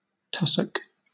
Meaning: 1. A tuft or clump of green grass or similar verdure, forming a small hillock 2. Tussock grass
- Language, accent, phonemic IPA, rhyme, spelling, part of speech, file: English, Southern England, /ˈtʌs.ək/, -ʌsək, tussock, noun, LL-Q1860 (eng)-tussock.wav